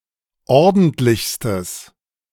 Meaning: strong/mixed nominative/accusative neuter singular superlative degree of ordentlich
- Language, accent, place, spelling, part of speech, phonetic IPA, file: German, Germany, Berlin, ordentlichstes, adjective, [ˈɔʁdn̩tlɪçstəs], De-ordentlichstes.ogg